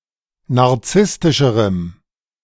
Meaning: strong dative masculine/neuter singular comparative degree of narzisstisch
- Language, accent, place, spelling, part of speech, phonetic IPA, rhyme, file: German, Germany, Berlin, narzisstischerem, adjective, [naʁˈt͡sɪstɪʃəʁəm], -ɪstɪʃəʁəm, De-narzisstischerem.ogg